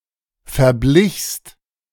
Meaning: second-person singular preterite of verbleichen
- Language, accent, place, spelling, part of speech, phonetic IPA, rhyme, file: German, Germany, Berlin, verblichst, verb, [fɛɐ̯ˈblɪçst], -ɪçst, De-verblichst.ogg